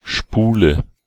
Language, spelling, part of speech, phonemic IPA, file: German, Spule, noun, /ˈʃpuːlə/, De-Spule.ogg
- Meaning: 1. spool 2. coil 3. reel